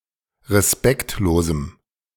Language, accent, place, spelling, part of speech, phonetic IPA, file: German, Germany, Berlin, respektlosem, adjective, [ʁeˈspɛktloːzm̩], De-respektlosem.ogg
- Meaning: strong dative masculine/neuter singular of respektlos